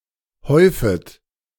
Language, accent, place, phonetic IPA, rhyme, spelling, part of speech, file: German, Germany, Berlin, [ˈhɔɪ̯fət], -ɔɪ̯fət, häufet, verb, De-häufet.ogg
- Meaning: second-person plural subjunctive I of häufen